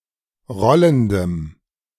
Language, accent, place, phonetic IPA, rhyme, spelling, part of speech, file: German, Germany, Berlin, [ˈʁɔləndəm], -ɔləndəm, rollendem, adjective, De-rollendem.ogg
- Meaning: strong dative masculine/neuter singular of rollend